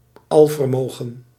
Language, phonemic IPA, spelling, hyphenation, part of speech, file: Dutch, /ˈɑl.vərˌmoː.ɣə(n)/, alvermogen, al‧ver‧mo‧gen, noun, Nl-alvermogen.ogg
- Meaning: omnipotence